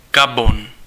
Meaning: Gabon (a country in Central Africa)
- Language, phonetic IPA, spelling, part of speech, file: Czech, [ˈɡabon], Gabon, proper noun, Cs-Gabon.ogg